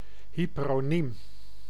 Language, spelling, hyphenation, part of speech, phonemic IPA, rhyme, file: Dutch, hyperoniem, hy‧pe‧ro‧niem, noun, /ˌɦi.pə.roːˈnim/, -im, Nl-hyperoniem.ogg
- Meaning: hypernym